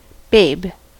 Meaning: 1. A baby or infant; a very young human or animal 2. An attractive person, especially a young woman 3. A darling (a term of endearment)
- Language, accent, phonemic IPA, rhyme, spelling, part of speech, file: English, US, /beɪb/, -eɪb, babe, noun, En-us-babe.ogg